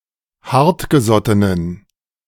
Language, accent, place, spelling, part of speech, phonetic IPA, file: German, Germany, Berlin, hartgesottenen, adjective, [ˈhaʁtɡəˌzɔtənən], De-hartgesottenen.ogg
- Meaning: inflection of hartgesotten: 1. strong genitive masculine/neuter singular 2. weak/mixed genitive/dative all-gender singular 3. strong/weak/mixed accusative masculine singular 4. strong dative plural